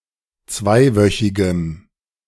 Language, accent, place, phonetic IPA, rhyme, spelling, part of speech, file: German, Germany, Berlin, [ˈt͡svaɪ̯ˌvœçɪɡəm], -aɪ̯vœçɪɡəm, zweiwöchigem, adjective, De-zweiwöchigem.ogg
- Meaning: strong dative masculine/neuter singular of zweiwöchig